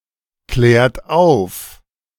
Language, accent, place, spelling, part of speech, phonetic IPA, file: German, Germany, Berlin, klärt auf, verb, [ˌklɛːɐ̯t ˈaʊ̯f], De-klärt auf.ogg
- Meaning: inflection of aufklären: 1. second-person plural present 2. third-person singular present 3. plural imperative